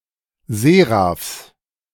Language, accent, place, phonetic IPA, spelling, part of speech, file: German, Germany, Berlin, [ˈzeːʁafs], Seraphs, noun, De-Seraphs.ogg
- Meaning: genitive of Seraph